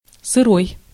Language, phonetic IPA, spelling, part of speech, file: Russian, [sɨˈroj], сырой, adjective, Ru-сырой.ogg
- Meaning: 1. damp, moist 2. rainy, drizzly, sleety 3. raw, uncooked, unbaked 4. crude, raw (unprocessed) 5. green, unripe